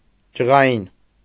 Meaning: 1. nervous, jumpy 2. angry 3. irritable, short-tempered
- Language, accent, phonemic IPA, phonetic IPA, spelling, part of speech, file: Armenian, Eastern Armenian, /d͡ʒəʁɑˈjin/, [d͡ʒəʁɑjín], ջղային, adjective, Hy-ջղային.ogg